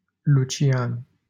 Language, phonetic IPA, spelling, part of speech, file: Romanian, [luˈt͡ʃjan], Lucian, proper noun, LL-Q7913 (ron)-Lucian.wav
- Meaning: a male given name from Latin